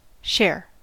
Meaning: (noun) A portion of something, especially a portion given or allotted to someone
- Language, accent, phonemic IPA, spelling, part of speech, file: English, US, /ʃɛɚ/, share, noun / verb, En-us-share.ogg